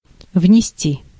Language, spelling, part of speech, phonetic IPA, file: Russian, внести, verb, [vnʲɪˈsʲtʲi], Ru-внести.ogg
- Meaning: 1. to carry in, to bring in 2. to pay in, to deposit 3. to bring in / about, to cause, to introduce 4. to enter, to include, to insert